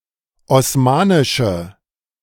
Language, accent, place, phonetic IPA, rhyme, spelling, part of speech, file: German, Germany, Berlin, [ɔsˈmaːnɪʃə], -aːnɪʃə, osmanische, adjective, De-osmanische.ogg
- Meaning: inflection of osmanisch: 1. strong/mixed nominative/accusative feminine singular 2. strong nominative/accusative plural 3. weak nominative all-gender singular